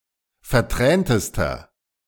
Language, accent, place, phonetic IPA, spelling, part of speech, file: German, Germany, Berlin, [fɛɐ̯ˈtʁɛːntəstɐ], verträntester, adjective, De-verträntester.ogg
- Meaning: inflection of vertränt: 1. strong/mixed nominative masculine singular superlative degree 2. strong genitive/dative feminine singular superlative degree 3. strong genitive plural superlative degree